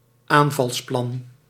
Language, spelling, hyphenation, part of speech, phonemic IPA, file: Dutch, aanvalsplan, aan‧vals‧plan, noun, /ˈaːn.vɑlsˌplɑn/, Nl-aanvalsplan.ogg
- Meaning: an attack plan